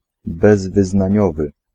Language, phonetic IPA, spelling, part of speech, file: Polish, [ˌbɛzvɨznãˈɲɔvɨ], bezwyznaniowy, adjective, Pl-bezwyznaniowy.ogg